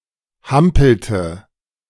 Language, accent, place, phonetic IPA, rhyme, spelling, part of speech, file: German, Germany, Berlin, [ˈhampl̩tə], -ampl̩tə, hampelte, verb, De-hampelte.ogg
- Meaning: inflection of hampeln: 1. first/third-person singular preterite 2. first/third-person singular subjunctive II